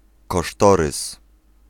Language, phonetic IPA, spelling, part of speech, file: Polish, [kɔˈʃtɔrɨs], kosztorys, noun, Pl-kosztorys.ogg